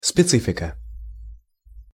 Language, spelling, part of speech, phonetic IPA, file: Russian, специфика, noun, [spʲɪˈt͡sɨfʲɪkə], Ru-специфика.ogg
- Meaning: specific character, peculiarity, specificity, specifics